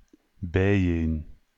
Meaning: together
- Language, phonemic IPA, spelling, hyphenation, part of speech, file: Dutch, /bɛi̯ˈeːn/, bijeen, bij‧een, adverb, Nl-bijeen.ogg